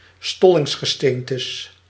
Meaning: plural of stollingsgesteente
- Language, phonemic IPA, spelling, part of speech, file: Dutch, /ˈstɔlɪŋsɣəˌstentəs/, stollingsgesteentes, noun, Nl-stollingsgesteentes.ogg